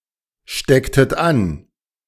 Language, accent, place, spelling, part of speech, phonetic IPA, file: German, Germany, Berlin, stecktet an, verb, [ˌʃtɛktət ˈan], De-stecktet an.ogg
- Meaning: inflection of anstecken: 1. second-person plural preterite 2. second-person plural subjunctive II